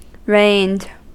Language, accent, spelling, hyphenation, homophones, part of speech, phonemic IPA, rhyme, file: English, US, rained, rained, reigned / reined, verb, /ɹeɪnd/, -eɪnd, En-us-rained.ogg
- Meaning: simple past and past participle of rain